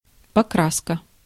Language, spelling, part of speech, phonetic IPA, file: Russian, покраска, noun, [pɐˈkraskə], Ru-покраска.ogg
- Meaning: 1. painting 2. paint